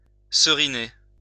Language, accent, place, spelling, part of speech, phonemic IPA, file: French, France, Lyon, seriner, verb, /sə.ʁi.ne/, LL-Q150 (fra)-seriner.wav
- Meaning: to drum something into someone